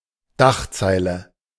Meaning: kicker (a smaller line above the headline)
- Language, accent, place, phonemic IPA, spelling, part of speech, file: German, Germany, Berlin, /ˈdaχˌtsaɪ̯lə/, Dachzeile, noun, De-Dachzeile.ogg